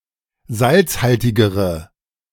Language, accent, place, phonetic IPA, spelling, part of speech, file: German, Germany, Berlin, [ˈzalt͡sˌhaltɪɡəʁə], salzhaltigere, adjective, De-salzhaltigere.ogg
- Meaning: inflection of salzhaltig: 1. strong/mixed nominative/accusative feminine singular comparative degree 2. strong nominative/accusative plural comparative degree